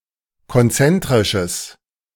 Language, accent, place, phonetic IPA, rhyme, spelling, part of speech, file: German, Germany, Berlin, [kɔnˈt͡sɛntʁɪʃəs], -ɛntʁɪʃəs, konzentrisches, adjective, De-konzentrisches.ogg
- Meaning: strong/mixed nominative/accusative neuter singular of konzentrisch